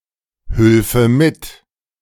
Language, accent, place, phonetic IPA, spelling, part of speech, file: German, Germany, Berlin, [ˌhʏlfə ˈmɪt], hülfe mit, verb, De-hülfe mit.ogg
- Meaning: first/third-person singular subjunctive II of mithelfen